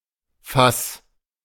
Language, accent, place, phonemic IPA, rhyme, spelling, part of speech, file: German, Germany, Berlin, /fas/, -as, Fass, noun, De-Fass.ogg
- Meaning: barrel, keg, cask